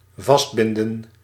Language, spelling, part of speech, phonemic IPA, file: Dutch, vastbinden, verb, /ˈvɑs(t)bɪndə(n)/, Nl-vastbinden.ogg
- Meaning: to tie up